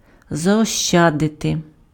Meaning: to save, to economize (store unspent; avoid the expenditure of)
- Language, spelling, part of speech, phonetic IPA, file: Ukrainian, заощадити, verb, [zɐɔʃˈt͡ʃadete], Uk-заощадити.ogg